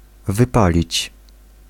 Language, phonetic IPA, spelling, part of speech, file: Polish, [vɨˈpalʲit͡ɕ], wypalić, verb, Pl-wypalić.ogg